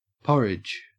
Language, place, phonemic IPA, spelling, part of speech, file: English, Queensland, /ˈpɔɹɪd͡ʒ/, porridge, noun, En-au-porridge.ogg
- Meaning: A dish made of grain or legumes, milk or water, heated and stirred until thick and typically eaten for breakfast